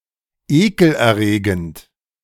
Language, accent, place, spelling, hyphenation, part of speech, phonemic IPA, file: German, Germany, Berlin, ekelerregend, ekel‧er‧re‧gend, adjective, /ˈeːkl̩ʔɛɐ̯ˌʁeːɡənt/, De-ekelerregend.ogg
- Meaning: disgusting, revolting, nauseating, sickening, repugnant